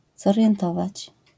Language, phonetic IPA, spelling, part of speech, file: Polish, [ˌzɔrʲjɛ̃nˈtɔvat͡ɕ], zorientować, verb, LL-Q809 (pol)-zorientować.wav